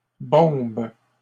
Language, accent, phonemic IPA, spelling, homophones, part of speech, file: French, Canada, /bɔ̃b/, bombes, bombe / bombent, verb, LL-Q150 (fra)-bombes.wav
- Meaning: second-person singular present indicative/subjunctive of bomber